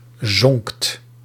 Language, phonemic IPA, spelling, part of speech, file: Dutch, /zɔŋkt/, zonkt, verb, Nl-zonkt.ogg
- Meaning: second-person (gij) singular past indicative of zinken